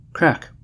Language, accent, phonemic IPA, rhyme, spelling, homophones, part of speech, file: English, General American, /kɹæk/, -æk, craic, crack, noun, En-us-craic.ogg
- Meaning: Often preceded by the: amusement, fun, especially through enjoyable company; also, pleasant conversation